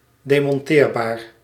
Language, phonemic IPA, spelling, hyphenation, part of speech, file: Dutch, /ˌdeː.mɔnˈteːr.baːr/, demonteerbaar, de‧mon‧teer‧baar, adjective, Nl-demonteerbaar.ogg
- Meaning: dismountable